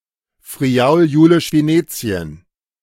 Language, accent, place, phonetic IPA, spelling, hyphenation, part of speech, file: German, Germany, Berlin, [fʁiˌaʊ̯l juːlɪʃ veˈneːt͡si̯ən], Friaul-Julisch Venetien, Fri‧aul-Ju‧lisch Ve‧ne‧ti‧en, proper noun, De-Friaul-Julisch Venetien.ogg
- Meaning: Friuli-Venezia Giulia (an autonomous region in northern Italy)